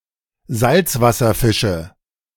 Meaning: nominative/accusative/genitive plural of Salzwasserfisch
- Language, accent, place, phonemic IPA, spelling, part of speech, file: German, Germany, Berlin, /ˈzaltsvasɐfɪʃə/, Salzwasserfische, noun, De-Salzwasserfische.ogg